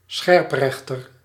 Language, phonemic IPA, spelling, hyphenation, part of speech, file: Dutch, /ˈsxɛrpˌrɛx.tər/, scherprechter, scherp‧rech‧ter, noun, Nl-scherprechter.ogg
- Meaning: executioner